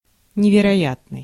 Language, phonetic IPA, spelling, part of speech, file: Russian, [nʲɪvʲɪrɐˈjatnɨj], невероятный, adjective, Ru-невероятный.ogg
- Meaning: 1. improbable 2. unbelievable